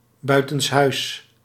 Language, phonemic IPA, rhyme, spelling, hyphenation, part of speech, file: Dutch, /ˌbœy̯.tənsˈɦœy̯s/, -œy̯s, buitenshuis, bui‧tens‧huis, adverb, Nl-buitenshuis.ogg
- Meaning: outside the home, outside